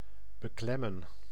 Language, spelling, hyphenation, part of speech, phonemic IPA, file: Dutch, beklemmen, be‧klem‧men, verb, /bəˈklɛmə(n)/, Nl-beklemmen.ogg
- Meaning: 1. to squeeze 2. to distress, strain 3. to oppress, stifle